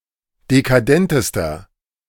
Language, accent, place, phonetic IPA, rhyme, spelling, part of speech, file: German, Germany, Berlin, [dekaˈdɛntəstɐ], -ɛntəstɐ, dekadentester, adjective, De-dekadentester.ogg
- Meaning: inflection of dekadent: 1. strong/mixed nominative masculine singular superlative degree 2. strong genitive/dative feminine singular superlative degree 3. strong genitive plural superlative degree